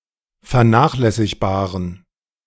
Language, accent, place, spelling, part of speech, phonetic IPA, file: German, Germany, Berlin, vernachlässigbaren, adjective, [fɛɐ̯ˈnaːxlɛsɪçbaːʁən], De-vernachlässigbaren.ogg
- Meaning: inflection of vernachlässigbar: 1. strong genitive masculine/neuter singular 2. weak/mixed genitive/dative all-gender singular 3. strong/weak/mixed accusative masculine singular